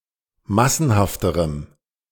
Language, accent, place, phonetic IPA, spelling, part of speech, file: German, Germany, Berlin, [ˈmasn̩haftəʁəm], massenhafterem, adjective, De-massenhafterem.ogg
- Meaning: strong dative masculine/neuter singular comparative degree of massenhaft